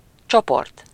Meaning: group
- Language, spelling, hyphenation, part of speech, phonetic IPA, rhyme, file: Hungarian, csoport, cso‧port, noun, [ˈt͡ʃoport], -ort, Hu-csoport.ogg